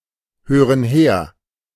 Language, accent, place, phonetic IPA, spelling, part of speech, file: German, Germany, Berlin, [ˌhøːʁən ˈheːɐ̯], hören her, verb, De-hören her.ogg
- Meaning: inflection of herhören: 1. first/third-person plural present 2. first/third-person plural subjunctive I